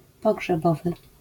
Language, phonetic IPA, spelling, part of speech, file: Polish, [ˌpɔɡʒɛˈbɔvɨ], pogrzebowy, adjective, LL-Q809 (pol)-pogrzebowy.wav